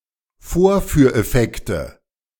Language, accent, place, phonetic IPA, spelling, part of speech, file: German, Germany, Berlin, [ˈfoːɐ̯fyːɐ̯ʔɛˌfɛktə], Vorführeffekte, noun, De-Vorführeffekte.ogg
- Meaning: nominative/accusative/genitive plural of Vorführeffekt